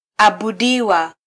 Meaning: Passive form of -abudu
- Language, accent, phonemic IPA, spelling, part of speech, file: Swahili, Kenya, /ɑ.ɓuˈɗi.wɑ/, abudiwa, verb, Sw-ke-abudiwa.flac